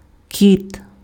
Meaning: male cat, tomcat (domestic feline; member of Felidae family)
- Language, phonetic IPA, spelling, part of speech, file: Ukrainian, [kʲit], кіт, noun, Uk-кіт.ogg